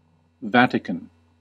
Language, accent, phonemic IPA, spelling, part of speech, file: English, US, /ˈvæ.tɪ.kən/, Vatican, proper noun / adjective, En-us-Vatican.ogg
- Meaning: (proper noun) 1. The official residence of the Pope within Vatican City, the Vatican or Apostolic Palace 2. The papal government; the papacy, the Holy See